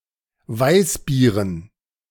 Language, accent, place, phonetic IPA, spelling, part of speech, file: German, Germany, Berlin, [ˈvaɪ̯sˌbiːʁən], Weißbieren, noun, De-Weißbieren.ogg
- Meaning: dative plural of Weißbier